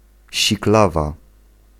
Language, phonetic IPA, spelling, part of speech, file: Polish, [ɕikˈlava], siklawa, noun, Pl-siklawa.ogg